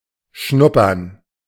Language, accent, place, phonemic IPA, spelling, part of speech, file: German, Germany, Berlin, /ˈʃnʊpɐn/, schnuppern, verb, De-schnuppern.ogg
- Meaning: to smell, to nose, to sniff